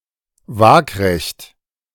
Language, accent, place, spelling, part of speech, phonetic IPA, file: German, Germany, Berlin, waagrecht, adjective, [ˈvaːkʁɛçt], De-waagrecht.ogg
- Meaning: alternative form of waagerecht